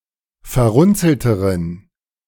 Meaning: inflection of verrunzelt: 1. strong genitive masculine/neuter singular comparative degree 2. weak/mixed genitive/dative all-gender singular comparative degree
- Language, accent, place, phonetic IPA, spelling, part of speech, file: German, Germany, Berlin, [fɛɐ̯ˈʁʊnt͡sl̩təʁən], verrunzelteren, adjective, De-verrunzelteren.ogg